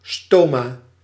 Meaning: 1. stoma (one of the tiny pores in the epidermis of a leaf or stem through which gases and water vapor pass) 2. stoma (artificial anus)
- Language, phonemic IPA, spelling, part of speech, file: Dutch, /ˈstoːmaː/, stoma, noun, Nl-stoma.ogg